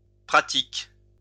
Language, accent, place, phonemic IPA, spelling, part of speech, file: French, France, Lyon, /pʁa.tik/, pratiques, adjective / noun / verb, LL-Q150 (fra)-pratiques.wav
- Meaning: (adjective) plural of pratique; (verb) second-person singular present indicative/subjunctive of pratiquer